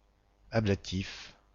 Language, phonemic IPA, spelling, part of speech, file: French, /a.bla.tif/, ablatif, adjective / noun, Ablatif-FR.ogg
- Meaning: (adjective) 1. ablation 2. conceived to resist a process of ablation 3. of the ablative case; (noun) 1. ablative, ablative case 2. a word or expression in the ablative case